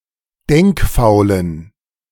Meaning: inflection of denkfaul: 1. strong genitive masculine/neuter singular 2. weak/mixed genitive/dative all-gender singular 3. strong/weak/mixed accusative masculine singular 4. strong dative plural
- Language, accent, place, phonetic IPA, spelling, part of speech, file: German, Germany, Berlin, [ˈdɛŋkˌfaʊ̯lən], denkfaulen, adjective, De-denkfaulen.ogg